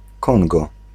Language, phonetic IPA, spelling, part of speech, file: Polish, [ˈkɔ̃ŋɡɔ], Kongo, proper noun, Pl-Kongo.ogg